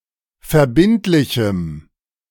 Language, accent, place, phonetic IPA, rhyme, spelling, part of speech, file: German, Germany, Berlin, [fɛɐ̯ˈbɪntlɪçm̩], -ɪntlɪçm̩, verbindlichem, adjective, De-verbindlichem.ogg
- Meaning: strong dative masculine/neuter singular of verbindlich